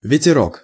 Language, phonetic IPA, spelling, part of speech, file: Russian, [vʲɪtʲɪˈrok], ветерок, noun, Ru-ветерок.ogg
- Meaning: diminutive of ве́тер (véter): wind, breeze